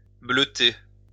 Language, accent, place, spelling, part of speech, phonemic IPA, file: French, France, Lyon, bleuter, verb, /blø.te/, LL-Q150 (fra)-bleuter.wav
- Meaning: 1. synonym of bleuir 2. play truant, skip class